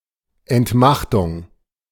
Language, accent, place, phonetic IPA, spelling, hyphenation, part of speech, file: German, Germany, Berlin, [ɛntˈmaχtʊŋ], Entmachtung, Ent‧mach‧tung, noun, De-Entmachtung.ogg
- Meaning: depriving of power